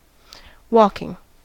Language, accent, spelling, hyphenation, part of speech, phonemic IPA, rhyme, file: English, US, walking, walk‧ing, verb / adjective / noun, /ˈwɔ.kɪŋ/, -ɔːkɪŋ, En-us-walking.ogg
- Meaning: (verb) present participle and gerund of walk; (adjective) 1. Incarnate as a human; living 2. Able to walk in spite of injury or sickness 3. Characterized by or suitable for walking